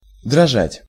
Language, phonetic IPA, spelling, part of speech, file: Russian, [drɐˈʐatʲ], дрожать, verb, Ru-дрожать.ogg
- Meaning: to shiver, to shake, to tremble